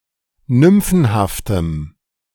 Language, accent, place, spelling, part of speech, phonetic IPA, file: German, Germany, Berlin, nymphenhaftem, adjective, [ˈnʏmfn̩haftəm], De-nymphenhaftem.ogg
- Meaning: strong dative masculine/neuter singular of nymphenhaft